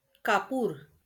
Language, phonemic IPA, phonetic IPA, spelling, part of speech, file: Marathi, /ka.puɾ/, [ka.puːɾ], कापूर, noun, LL-Q1571 (mar)-कापूर.wav
- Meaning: camphor